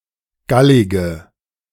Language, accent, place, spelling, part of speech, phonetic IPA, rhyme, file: German, Germany, Berlin, gallige, adjective, [ˈɡalɪɡə], -alɪɡə, De-gallige.ogg
- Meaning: inflection of gallig: 1. strong/mixed nominative/accusative feminine singular 2. strong nominative/accusative plural 3. weak nominative all-gender singular 4. weak accusative feminine/neuter singular